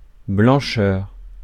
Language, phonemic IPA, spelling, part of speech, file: French, /blɑ̃.ʃœʁ/, blancheur, noun, Fr-blancheur.ogg
- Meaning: whiteness